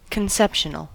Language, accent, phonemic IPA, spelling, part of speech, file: English, US, /kənˈsɛpʃənəl/, conceptional, adjective, En-us-conceptional.ogg
- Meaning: 1. Of or relating to conception 2. Relating to a concept, idea, or thought. (More often, conceptual.)